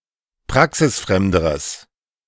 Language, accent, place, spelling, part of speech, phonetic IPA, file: German, Germany, Berlin, praxisfremderes, adjective, [ˈpʁaksɪsˌfʁɛmdəʁəs], De-praxisfremderes.ogg
- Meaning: strong/mixed nominative/accusative neuter singular comparative degree of praxisfremd